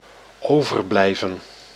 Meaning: 1. to remain 2. to spend lunch at school
- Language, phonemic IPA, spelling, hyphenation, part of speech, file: Dutch, /ˈoː.vərˌblɛi̯.və(n)/, overblijven, over‧blij‧ven, verb, Nl-overblijven.ogg